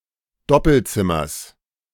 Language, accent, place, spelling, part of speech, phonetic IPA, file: German, Germany, Berlin, Doppelzimmers, noun, [ˈdɔpl̩ˌt͡sɪmɐs], De-Doppelzimmers.ogg
- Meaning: genitive singular of Doppelzimmer